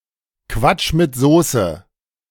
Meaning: balderdash, applesauce, nonsense
- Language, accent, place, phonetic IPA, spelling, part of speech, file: German, Germany, Berlin, [ˈkvat͡ʃ mɪt ˌzoːsə], Quatsch mit Soße, noun, De-Quatsch mit Soße.ogg